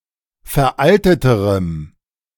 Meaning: strong dative masculine/neuter singular comparative degree of veraltet
- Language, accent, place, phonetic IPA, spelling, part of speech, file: German, Germany, Berlin, [fɛɐ̯ˈʔaltətəʁəm], veralteterem, adjective, De-veralteterem.ogg